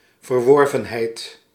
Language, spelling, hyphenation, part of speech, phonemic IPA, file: Dutch, verworvenheid, ver‧wor‧ven‧heid, noun, /vərˈʋɔr.və(n)ˌɦɛi̯t/, Nl-verworvenheid.ogg
- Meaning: achievement